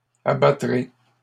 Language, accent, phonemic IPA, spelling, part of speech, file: French, Canada, /a.ba.tʁe/, abattrez, verb, LL-Q150 (fra)-abattrez.wav
- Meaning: second-person plural future of abattre